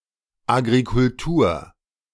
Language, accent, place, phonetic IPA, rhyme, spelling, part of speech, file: German, Germany, Berlin, [ˌaɡʁikʊlˈtuːɐ̯], -uːɐ̯, Agrikultur, noun, De-Agrikultur.ogg
- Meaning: agriculture